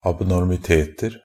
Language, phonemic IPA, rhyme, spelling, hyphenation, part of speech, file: Norwegian Bokmål, /abnɔrmɪˈteːtər/, -ər, abnormiteter, ab‧nor‧mi‧tet‧er, noun, NB - Pronunciation of Norwegian Bokmål «abnormiteter».ogg
- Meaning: indefinite plural of abnormitet